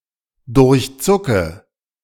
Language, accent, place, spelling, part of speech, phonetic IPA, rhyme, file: German, Germany, Berlin, durchzucke, verb, [dʊʁçˈt͡sʊkə], -ʊkə, De-durchzucke.ogg
- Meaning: inflection of durchzucken: 1. first-person singular present 2. first/third-person singular subjunctive I 3. singular imperative